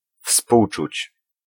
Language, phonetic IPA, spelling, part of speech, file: Polish, [ˈfspuwt͡ʃut͡ɕ], współczuć, verb, Pl-współczuć.ogg